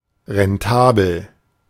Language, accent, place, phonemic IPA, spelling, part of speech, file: German, Germany, Berlin, /ʁɛnˈtaːbl̩/, rentabel, adjective, De-rentabel.ogg
- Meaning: profitable